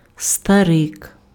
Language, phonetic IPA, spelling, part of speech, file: Ukrainian, [stɐˈrɪk], старик, noun, Uk-старик.ogg
- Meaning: old man